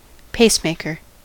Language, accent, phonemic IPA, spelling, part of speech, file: English, US, /ˈpeɪsˌmeɪkəɹ/, pacemaker, noun, En-us-pacemaker.ogg
- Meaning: 1. Specialized cells which stimulate the heart to beat 2. A medical implement that is used to stimulate a heart to beat by simulating the action of the natural pacemaker